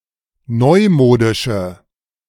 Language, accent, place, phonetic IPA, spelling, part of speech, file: German, Germany, Berlin, [ˈnɔɪ̯ˌmoːdɪʃə], neumodische, adjective, De-neumodische.ogg
- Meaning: inflection of neumodisch: 1. strong/mixed nominative/accusative feminine singular 2. strong nominative/accusative plural 3. weak nominative all-gender singular